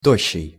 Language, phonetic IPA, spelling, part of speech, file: Russian, [ˈtoɕːɪj], тощий, adjective, Ru-тощий.ogg
- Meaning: gaunt, scrawny, thin